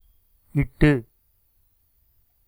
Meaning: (verb) adverbial participle of இடு (iṭu); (adjective) small; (adverb) 1. from, beginning with 2. for the sake of, on account of
- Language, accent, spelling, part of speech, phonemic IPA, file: Tamil, India, இட்டு, verb / adjective / adverb, /ɪʈːɯ/, Ta-இட்டு.oga